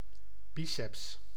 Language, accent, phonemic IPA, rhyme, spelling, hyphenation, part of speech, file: Dutch, Netherlands, /ˈbi.sɛps/, -isɛps, biceps, bi‧ceps, noun, Nl-biceps.ogg
- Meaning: 1. biceps; any two-headed muscle 2. the biceps brachii